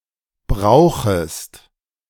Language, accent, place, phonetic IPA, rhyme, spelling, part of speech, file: German, Germany, Berlin, [ˈbʁaʊ̯xəst], -aʊ̯xəst, brauchest, verb, De-brauchest.ogg
- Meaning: second-person singular subjunctive I of brauchen